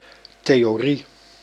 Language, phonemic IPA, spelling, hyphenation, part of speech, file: Dutch, /teː.oːˈri/, theorie, the‧o‧rie, noun, Nl-theorie.ogg
- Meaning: theory